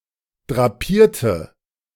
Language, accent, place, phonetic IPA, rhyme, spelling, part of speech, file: German, Germany, Berlin, [dʁaˈpiːɐ̯tə], -iːɐ̯tə, drapierte, adjective / verb, De-drapierte.ogg
- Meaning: inflection of drapieren: 1. first/third-person singular preterite 2. first/third-person singular subjunctive II